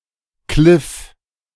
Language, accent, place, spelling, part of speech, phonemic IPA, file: German, Germany, Berlin, Kliff, noun, /klɪf/, De-Kliff.ogg
- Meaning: 1. cliff (steep rock face) 2. steep coast